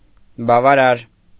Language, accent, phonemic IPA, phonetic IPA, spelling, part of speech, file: Armenian, Eastern Armenian, /bɑvɑˈɾɑɾ/, [bɑvɑɾɑ́ɾ], բավարար, adjective, Hy-բավարար .ogg
- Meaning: sufficient, satisfactory